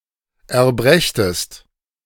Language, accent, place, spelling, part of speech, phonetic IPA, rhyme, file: German, Germany, Berlin, erbrächtest, verb, [ɛɐ̯ˈbʁɛçtəst], -ɛçtəst, De-erbrächtest.ogg
- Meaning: second-person singular subjunctive I of erbringen